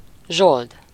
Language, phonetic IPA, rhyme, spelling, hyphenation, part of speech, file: Hungarian, [ˈʒold], -old, zsold, zsold, noun, Hu-zsold.ogg
- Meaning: pay, wage